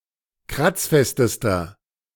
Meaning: inflection of kratzfest: 1. strong/mixed nominative masculine singular superlative degree 2. strong genitive/dative feminine singular superlative degree 3. strong genitive plural superlative degree
- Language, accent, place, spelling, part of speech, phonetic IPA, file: German, Germany, Berlin, kratzfestester, adjective, [ˈkʁat͡sˌfɛstəstɐ], De-kratzfestester.ogg